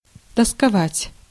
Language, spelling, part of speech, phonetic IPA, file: Russian, тосковать, verb, [təskɐˈvatʲ], Ru-тосковать.ogg
- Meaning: 1. to be sad/melancholic 2. to be bored 3. to long, to pine, to miss, to have a nostalgia, to grieve